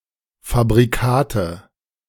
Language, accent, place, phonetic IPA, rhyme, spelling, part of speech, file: German, Germany, Berlin, [fabʁiˈkaːtə], -aːtə, Fabrikate, noun, De-Fabrikate.ogg
- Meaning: nominative/accusative/genitive plural of Fabrikat